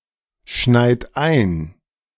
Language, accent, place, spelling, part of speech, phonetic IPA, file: German, Germany, Berlin, schneit ein, verb, [ˌʃnaɪ̯t ˈaɪ̯n], De-schneit ein.ogg
- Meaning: inflection of einschneien: 1. second-person plural present 2. third-person singular present 3. plural imperative